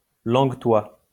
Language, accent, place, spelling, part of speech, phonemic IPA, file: French, France, Lyon, langue-toit, noun, /lɑ̃ɡ.twa/, LL-Q150 (fra)-langue-toit.wav
- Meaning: dachsprache